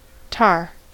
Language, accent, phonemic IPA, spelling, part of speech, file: English, US, /tɑɹ/, tar, noun / verb, En-us-tar.ogg
- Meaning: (noun) A black, oil, sticky, viscous substance, consisting mainly of hydrocarbons derived from organic materials such as wood, peat, or coal.: Coal tar